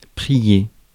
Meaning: 1. to pray 2. to beg, to beseech, to pray to
- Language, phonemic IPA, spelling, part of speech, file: French, /pʁi.je/, prier, verb, Fr-prier.ogg